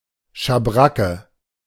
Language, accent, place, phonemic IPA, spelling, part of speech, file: German, Germany, Berlin, /ʃaˈbʁakə/, Schabracke, noun, De-Schabracke.ogg
- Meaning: 1. shabrack (decorative saddlecloth) 2. certain other kinds of coverings, especially: pelmet (cloth or frame used to conceal curtain fixtures)